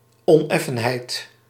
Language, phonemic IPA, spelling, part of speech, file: Dutch, /ɔnˈɛfənhɛit/, oneffenheid, noun, Nl-oneffenheid.ogg
- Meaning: unevenness